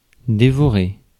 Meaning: to devour
- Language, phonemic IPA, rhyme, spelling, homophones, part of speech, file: French, /de.vɔ.ʁe/, -e, dévorer, dévorai / dévoré / dévorée / dévorées / dévorés / dévorez, verb, Fr-dévorer.ogg